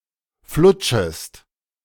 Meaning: second-person singular subjunctive I of flutschen
- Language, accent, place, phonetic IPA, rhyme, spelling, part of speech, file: German, Germany, Berlin, [ˈflʊt͡ʃəst], -ʊt͡ʃəst, flutschest, verb, De-flutschest.ogg